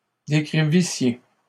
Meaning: second-person plural imperfect subjunctive of décrire
- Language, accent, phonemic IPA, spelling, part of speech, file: French, Canada, /de.kʁi.vi.sje/, décrivissiez, verb, LL-Q150 (fra)-décrivissiez.wav